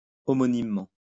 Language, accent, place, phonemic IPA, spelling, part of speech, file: French, France, Lyon, /ɔ.mɔ.nim.mɑ̃/, homonymement, adverb, LL-Q150 (fra)-homonymement.wav
- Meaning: homonymously